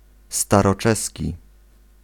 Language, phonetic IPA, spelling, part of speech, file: Polish, [ˌstarɔˈt͡ʃɛsʲci], staroczeski, adjective / noun, Pl-staroczeski.ogg